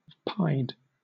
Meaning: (adjective) 1. Having two or more colors, especially black and white 2. Decorated or colored in blotches; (verb) 1. simple past and past participle of pi 2. simple past and past participle of pie
- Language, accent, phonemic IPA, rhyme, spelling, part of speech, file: English, Southern England, /paɪd/, -aɪd, pied, adjective / verb, LL-Q1860 (eng)-pied.wav